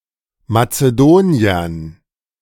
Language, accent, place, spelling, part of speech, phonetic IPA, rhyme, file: German, Germany, Berlin, Mazedoniern, noun, [mat͡səˈdoːni̯ɐn], -oːni̯ɐn, De-Mazedoniern.ogg
- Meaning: dative plural of Mazedonier